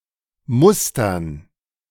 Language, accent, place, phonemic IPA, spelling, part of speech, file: German, Germany, Berlin, /ˈmʊstɐn/, mustern, verb, De-mustern.ogg
- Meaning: to scrutinize, to examine, to inspect, to look over, to eye